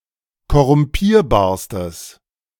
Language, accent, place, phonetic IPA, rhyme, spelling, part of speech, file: German, Germany, Berlin, [kɔʁʊmˈpiːɐ̯baːɐ̯stəs], -iːɐ̯baːɐ̯stəs, korrumpierbarstes, adjective, De-korrumpierbarstes.ogg
- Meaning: strong/mixed nominative/accusative neuter singular superlative degree of korrumpierbar